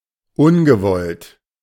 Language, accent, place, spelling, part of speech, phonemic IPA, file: German, Germany, Berlin, ungewollt, adjective, /ˈʊnɡəˌvɔlt/, De-ungewollt.ogg
- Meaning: unintended, unwanted, inadvertent, unintentional